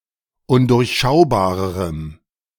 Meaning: strong dative masculine/neuter singular comparative degree of undurchschaubar
- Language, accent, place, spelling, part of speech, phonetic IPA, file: German, Germany, Berlin, undurchschaubarerem, adjective, [ˈʊndʊʁçˌʃaʊ̯baːʁəʁəm], De-undurchschaubarerem.ogg